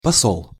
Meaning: 1. ambassador; legate 2. salting (adding salt to food)
- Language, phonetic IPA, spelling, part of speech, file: Russian, [pɐˈsoɫ], посол, noun, Ru-посол.ogg